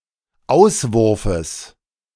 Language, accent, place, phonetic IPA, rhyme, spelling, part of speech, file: German, Germany, Berlin, [ˈaʊ̯svʊʁfəs], -aʊ̯svʊʁfəs, Auswurfes, noun, De-Auswurfes.ogg
- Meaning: genitive singular of Auswurf